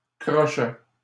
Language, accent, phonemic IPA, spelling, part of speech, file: French, Canada, /kʁɔ.ʃɛ/, crochets, noun, LL-Q150 (fra)-crochets.wav
- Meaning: plural of crochet